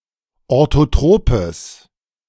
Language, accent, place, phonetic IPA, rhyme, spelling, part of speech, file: German, Germany, Berlin, [ˌoʁtoˈtʁoːpəs], -oːpəs, orthotropes, adjective, De-orthotropes.ogg
- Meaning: strong/mixed nominative/accusative neuter singular of orthotrop